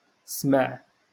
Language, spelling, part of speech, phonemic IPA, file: Moroccan Arabic, سمع, verb, /smaʕ/, LL-Q56426 (ary)-سمع.wav
- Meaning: 1. to hear 2. to hear of 3. to listen to, to pay attention to, to hear someone out